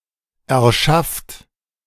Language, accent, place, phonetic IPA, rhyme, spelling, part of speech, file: German, Germany, Berlin, [ɛɐ̯ˈʃaft], -aft, erschafft, verb, De-erschafft.ogg
- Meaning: inflection of erschaffen: 1. third-person singular present 2. second-person plural present 3. plural imperative